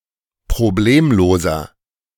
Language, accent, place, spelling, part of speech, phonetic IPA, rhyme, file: German, Germany, Berlin, problemloser, adjective, [pʁoˈbleːmloːzɐ], -eːmloːzɐ, De-problemloser.ogg
- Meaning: inflection of problemlos: 1. strong/mixed nominative masculine singular 2. strong genitive/dative feminine singular 3. strong genitive plural